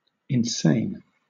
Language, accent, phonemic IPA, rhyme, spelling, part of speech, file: English, Southern England, /ɪnˈseɪn/, -eɪn, insane, adjective, LL-Q1860 (eng)-insane.wav
- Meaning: 1. Exhibiting unsoundness or disorder of mind; not sane; utterly mad 2. Used by or relating to insane people 3. Causing insanity or madness